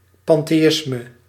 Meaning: pantheism
- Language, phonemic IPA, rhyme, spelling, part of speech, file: Dutch, /pɑnteːˈɪsmə/, -ɪsmə, pantheïsme, noun, Nl-pantheïsme.ogg